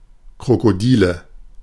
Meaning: nominative/accusative/genitive plural of Krokodil
- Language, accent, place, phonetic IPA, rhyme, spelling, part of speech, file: German, Germany, Berlin, [kʁokoˈdiːlə], -iːlə, Krokodile, noun, De-Krokodile.ogg